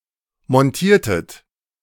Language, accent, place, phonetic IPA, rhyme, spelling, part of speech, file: German, Germany, Berlin, [mɔnˈtiːɐ̯tət], -iːɐ̯tət, montiertet, verb, De-montiertet.ogg
- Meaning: inflection of montieren: 1. second-person plural preterite 2. second-person plural subjunctive II